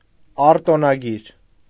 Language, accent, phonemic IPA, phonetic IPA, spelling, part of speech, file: Armenian, Eastern Armenian, /ɑɾtonɑˈɡiɾ/, [ɑɾtonɑɡíɾ], արտոնագիր, noun, Hy-արտոնագիր.ogg
- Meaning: patent